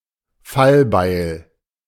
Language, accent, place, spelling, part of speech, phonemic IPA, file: German, Germany, Berlin, Fallbeil, noun, /ˈfalˌbaɪ̯l/, De-Fallbeil.ogg
- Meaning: guillotine (execution machine)